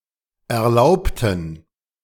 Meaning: inflection of erlaubt: 1. strong genitive masculine/neuter singular 2. weak/mixed genitive/dative all-gender singular 3. strong/weak/mixed accusative masculine singular 4. strong dative plural
- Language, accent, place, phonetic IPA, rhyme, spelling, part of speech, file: German, Germany, Berlin, [ɛɐ̯ˈlaʊ̯ptn̩], -aʊ̯ptn̩, erlaubten, adjective / verb, De-erlaubten.ogg